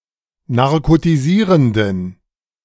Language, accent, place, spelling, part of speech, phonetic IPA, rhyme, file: German, Germany, Berlin, narkotisierenden, adjective, [naʁkotiˈziːʁəndn̩], -iːʁəndn̩, De-narkotisierenden.ogg
- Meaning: inflection of narkotisierend: 1. strong genitive masculine/neuter singular 2. weak/mixed genitive/dative all-gender singular 3. strong/weak/mixed accusative masculine singular 4. strong dative plural